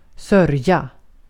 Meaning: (noun) 1. sludge (wet, messy substance): mud 2. sludge (wet, messy substance): a mess 3. a mess, a mush, a muddle; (verb) 1. to grieve, to mourn (usually someone's death) 2. to ensure; to take care of
- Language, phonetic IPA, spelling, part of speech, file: Swedish, [²sœ̞rːja], sörja, noun / verb, Sv-sörja.ogg